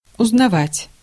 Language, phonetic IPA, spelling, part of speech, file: Russian, [ʊznɐˈvatʲ], узнавать, verb, Ru-узнавать.ogg
- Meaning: 1. to know, to recognize 2. to learn, to get to know 3. to find out, to inquire 4. to experience